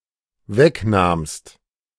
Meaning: second-person singular dependent preterite of wegnehmen
- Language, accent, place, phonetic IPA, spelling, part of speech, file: German, Germany, Berlin, [ˈvɛkˌnaːmst], wegnahmst, verb, De-wegnahmst.ogg